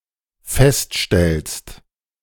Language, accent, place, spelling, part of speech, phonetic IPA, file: German, Germany, Berlin, feststellst, verb, [ˈfɛstˌʃtɛlst], De-feststellst.ogg
- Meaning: second-person singular dependent present of feststellen